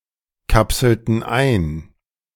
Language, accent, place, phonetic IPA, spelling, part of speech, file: German, Germany, Berlin, [ˌkapsl̩tn̩ ˈaɪ̯n], kapselten ein, verb, De-kapselten ein.ogg
- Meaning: inflection of einkapseln: 1. first/third-person plural preterite 2. first/third-person plural subjunctive II